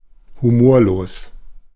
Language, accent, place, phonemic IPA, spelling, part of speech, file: German, Germany, Berlin, /huˈmoːɐ̯loːs/, humorlos, adjective, De-humorlos.ogg
- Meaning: humorless